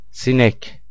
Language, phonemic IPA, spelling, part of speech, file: Turkish, /sinɛc/, sinek, noun, Tur-sinek.ogg
- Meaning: 1. fly (insect) 2. playing card marked with the symbol ♣, clubs